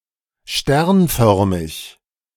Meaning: stellate, star-shaped
- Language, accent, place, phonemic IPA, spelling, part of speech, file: German, Germany, Berlin, /ˈʃtɛʁnˌfœʁmɪç/, sternförmig, adjective, De-sternförmig.ogg